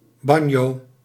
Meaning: banjo (stringed instrument)
- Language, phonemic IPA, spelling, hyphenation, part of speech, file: Dutch, /ˈbɑn.joː/, banjo, ban‧jo, noun, Nl-banjo.ogg